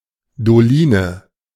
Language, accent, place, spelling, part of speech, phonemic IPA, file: German, Germany, Berlin, Doline, noun, /doˈliːnə/, De-Doline.ogg
- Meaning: doline